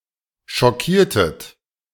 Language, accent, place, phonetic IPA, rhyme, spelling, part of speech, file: German, Germany, Berlin, [ʃɔˈkiːɐ̯tət], -iːɐ̯tət, schockiertet, verb, De-schockiertet.ogg
- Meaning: inflection of schockieren: 1. second-person plural preterite 2. second-person plural subjunctive II